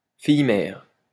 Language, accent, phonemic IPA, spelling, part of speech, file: French, France, /fij.mɛʁ/, fille-mère, noun, LL-Q150 (fra)-fille-mère.wav
- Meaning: single mother, unmarried mother